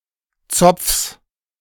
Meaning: genitive singular of Zopf
- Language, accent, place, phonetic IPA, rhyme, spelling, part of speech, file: German, Germany, Berlin, [t͡sɔp͡fs], -ɔp͡fs, Zopfs, noun, De-Zopfs.ogg